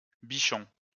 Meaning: 1. bichon 2. lapdog
- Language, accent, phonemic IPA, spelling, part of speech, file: French, France, /bi.ʃɔ̃/, bichon, noun, LL-Q150 (fra)-bichon.wav